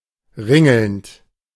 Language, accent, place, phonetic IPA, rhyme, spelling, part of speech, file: German, Germany, Berlin, [ˈʁɪŋl̩nt], -ɪŋl̩nt, ringelnd, verb, De-ringelnd.ogg
- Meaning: present participle of ringeln